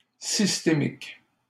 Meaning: system; systemic
- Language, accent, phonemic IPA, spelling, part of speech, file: French, Canada, /sis.te.mik/, systémique, adjective, LL-Q150 (fra)-systémique.wav